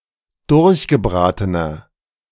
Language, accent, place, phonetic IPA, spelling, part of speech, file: German, Germany, Berlin, [ˈdʊʁçɡəˌbʁaːtənɐ], durchgebratener, adjective, De-durchgebratener.ogg
- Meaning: inflection of durchgebraten: 1. strong/mixed nominative masculine singular 2. strong genitive/dative feminine singular 3. strong genitive plural